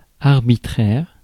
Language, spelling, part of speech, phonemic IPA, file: French, arbitraire, adjective, /aʁ.bi.tʁɛʁ/, Fr-arbitraire.ogg
- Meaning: arbitrary (determined by impulse)